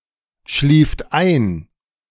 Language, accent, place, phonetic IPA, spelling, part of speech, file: German, Germany, Berlin, [ˌʃliːft ˈaɪ̯n], schlieft ein, verb, De-schlieft ein.ogg
- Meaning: second-person plural preterite of einschlafen